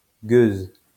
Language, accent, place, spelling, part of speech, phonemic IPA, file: French, France, Lyon, gueuse, noun, /ɡøz/, LL-Q150 (fra)-gueuse.wav
- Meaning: 1. female equivalent of gueux 2. wench 3. republic (Used by its monarchist opponents)